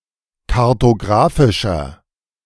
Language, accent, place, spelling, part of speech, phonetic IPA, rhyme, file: German, Germany, Berlin, kartographischer, adjective, [kaʁtoˈɡʁaːfɪʃɐ], -aːfɪʃɐ, De-kartographischer.ogg
- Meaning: inflection of kartographisch: 1. strong/mixed nominative masculine singular 2. strong genitive/dative feminine singular 3. strong genitive plural